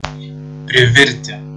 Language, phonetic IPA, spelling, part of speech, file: Lithuanian, [prʲɪˈvʲɪrʲ tʲɪ], privirti, verb, Lt-privirti.ogg
- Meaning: 1. to cook, make too much (in quantity) 2. to burn while cooking or boiling